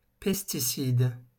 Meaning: pesticide
- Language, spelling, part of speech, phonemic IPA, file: French, pesticide, noun, /pɛs.ti.sid/, LL-Q150 (fra)-pesticide.wav